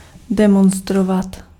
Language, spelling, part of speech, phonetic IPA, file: Czech, demonstrovat, verb, [ˈdɛmonstrovat], Cs-demonstrovat.ogg
- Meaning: to demonstrate (to participate in or organize a public display of group opinion)